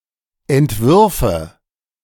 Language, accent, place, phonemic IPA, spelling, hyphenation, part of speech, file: German, Germany, Berlin, /ɛntˈvʏʁfə/, Entwürfe, Ent‧wür‧fe, noun, De-Entwürfe.ogg
- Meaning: nominative/accusative/genitive plural of Entwurf